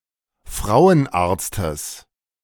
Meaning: genitive singular of Frauenarzt
- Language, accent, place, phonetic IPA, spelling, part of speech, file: German, Germany, Berlin, [ˈfʁaʊ̯ənˌʔaːɐ̯t͡stəs], Frauenarztes, noun, De-Frauenarztes.ogg